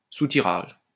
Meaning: racking (of wine or beer)
- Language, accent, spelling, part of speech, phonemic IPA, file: French, France, soutirage, noun, /su.ti.ʁaʒ/, LL-Q150 (fra)-soutirage.wav